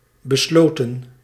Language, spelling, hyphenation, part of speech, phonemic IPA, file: Dutch, besloten, be‧slo‧ten, adjective / verb, /bəˈsloː.tə(n)/, Nl-besloten.ogg
- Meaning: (adjective) 1. private 2. agreed, decided; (verb) 1. past participle of besluiten 2. inflection of besluiten: plural past indicative 3. inflection of besluiten: plural past subjunctive